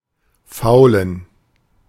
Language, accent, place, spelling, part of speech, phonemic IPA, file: German, Germany, Berlin, faulen, verb / adjective, /ˈfaʊ̯lən/, De-faulen.ogg
- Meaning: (verb) to rot (become decomposed by microorganisms); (adjective) inflection of faul: 1. strong genitive masculine/neuter singular 2. weak/mixed genitive/dative all-gender singular